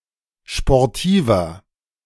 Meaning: 1. comparative degree of sportiv 2. inflection of sportiv: strong/mixed nominative masculine singular 3. inflection of sportiv: strong genitive/dative feminine singular
- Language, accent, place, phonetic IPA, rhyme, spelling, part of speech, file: German, Germany, Berlin, [ʃpɔʁˈtiːvɐ], -iːvɐ, sportiver, adjective, De-sportiver.ogg